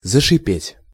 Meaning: to begin to hiss
- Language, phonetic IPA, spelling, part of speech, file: Russian, [zəʂɨˈpʲetʲ], зашипеть, verb, Ru-зашипеть.ogg